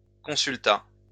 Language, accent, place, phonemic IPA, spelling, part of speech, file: French, France, Lyon, /kɔ̃.syl.ta/, consulta, verb, LL-Q150 (fra)-consulta.wav
- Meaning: third-person singular past historic of consulter